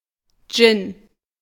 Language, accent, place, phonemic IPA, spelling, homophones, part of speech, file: German, Germany, Berlin, /dʒɪn/, Gin, Dschinn, noun, De-Gin.ogg
- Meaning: gin (a kind of liquor containing juniper berries)